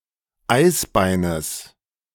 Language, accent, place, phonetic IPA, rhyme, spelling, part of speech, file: German, Germany, Berlin, [ˈaɪ̯sˌbaɪ̯nəs], -aɪ̯sbaɪ̯nəs, Eisbeines, noun, De-Eisbeines.ogg
- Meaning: genitive singular of Eisbein